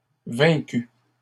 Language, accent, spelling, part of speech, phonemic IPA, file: French, Canada, vaincu, verb / noun, /vɛ̃.ky/, LL-Q150 (fra)-vaincu.wav
- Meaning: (verb) past participle of vaincre; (noun) loser (defeated party)